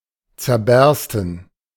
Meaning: to burst
- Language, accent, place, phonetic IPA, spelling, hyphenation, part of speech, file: German, Germany, Berlin, [t͡sɛɐ̯ˈbɛʁstn̩], zerbersten, zer‧bers‧ten, verb, De-zerbersten.ogg